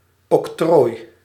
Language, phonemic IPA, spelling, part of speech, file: Dutch, /ɔkˈtroj/, octrooi, noun, Nl-octrooi.ogg
- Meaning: 1. patent 2. letters patent